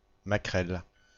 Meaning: madam (keeper of a brothel), female pimp
- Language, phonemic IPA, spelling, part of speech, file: French, /ma.kʁɛl/, maquerelle, noun, Fr-maquerelle.ogg